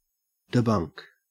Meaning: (verb) To discredit, or expose to ridicule the falsehood or the exaggerated claims of something; to refute; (noun) A debunking; the act by which something is debunked
- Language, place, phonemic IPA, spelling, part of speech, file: English, Queensland, /dɪˈbɐŋk/, debunk, verb / noun, En-au-debunk.ogg